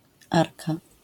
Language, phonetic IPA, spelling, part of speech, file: Polish, [ˈarka], -arka, suffix, LL-Q809 (pol)--arka.wav